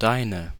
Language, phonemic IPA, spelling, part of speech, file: German, /ˈdaɪ̯nə/, deine, pronoun / determiner, De-deine.ogg
- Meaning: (pronoun) inflection of deiner: 1. feminine singular 2. plural; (determiner) inflection of dein: 1. nominative/accusative feminine singular 2. nominative/accusative plural